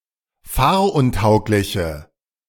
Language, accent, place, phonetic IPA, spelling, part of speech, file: German, Germany, Berlin, [ˈfaːɐ̯ʔʊnˌtaʊ̯klɪçə], fahruntaugliche, adjective, De-fahruntaugliche.ogg
- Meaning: inflection of fahruntauglich: 1. strong/mixed nominative/accusative feminine singular 2. strong nominative/accusative plural 3. weak nominative all-gender singular